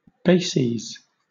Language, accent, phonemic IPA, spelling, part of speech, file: English, Southern England, /ˈbeɪsiːz/, bases, noun, LL-Q1860 (eng)-bases.wav
- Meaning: plural of basis